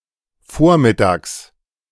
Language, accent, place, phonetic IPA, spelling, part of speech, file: German, Germany, Berlin, [ˈfoːɐ̯mɪˌtaːks], vormittags, adverb, De-vormittags.ogg
- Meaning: before noon, a.m., in the morning